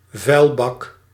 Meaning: alternative form of vuilnisbak
- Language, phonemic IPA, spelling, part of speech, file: Dutch, /vœylbɑk/, vuilbak, noun, Nl-vuilbak.ogg